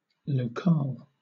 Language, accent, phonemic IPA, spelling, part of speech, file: English, Southern England, /ləʊˈkɑːl/, locale, noun, LL-Q1860 (eng)-locale.wav
- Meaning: The place where something happens